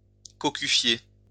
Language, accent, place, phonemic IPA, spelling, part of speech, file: French, France, Lyon, /kɔ.ky.fje/, cocufier, verb, LL-Q150 (fra)-cocufier.wav
- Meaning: to be unfaithful to; to cuckold